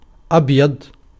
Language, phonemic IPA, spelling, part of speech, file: Arabic, /ʔab.jadˤ/, أبيض, adjective, Ar-أبيض.ogg
- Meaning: white